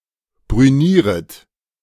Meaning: second-person plural subjunctive I of brünieren
- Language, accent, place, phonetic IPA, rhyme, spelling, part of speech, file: German, Germany, Berlin, [bʁyˈniːʁət], -iːʁət, brünieret, verb, De-brünieret.ogg